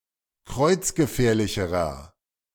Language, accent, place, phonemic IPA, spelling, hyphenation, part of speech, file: German, Germany, Berlin, /ˈkʁɔɪ̯t͡s̯ɡəˌfɛːɐ̯lɪçəʁɐ/, kreuzgefährlicherer, kreuz‧ge‧fähr‧li‧che‧rer, adjective, De-kreuzgefährlicherer.ogg
- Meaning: inflection of kreuzgefährlich: 1. strong/mixed nominative masculine singular comparative degree 2. strong genitive/dative feminine singular comparative degree